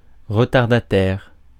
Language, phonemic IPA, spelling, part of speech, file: French, /ʁə.taʁ.da.tɛʁ/, retardataire, adjective / noun, Fr-retardataire.ogg
- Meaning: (adjective) 1. late (arriving late) 2. outdated; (noun) latecomer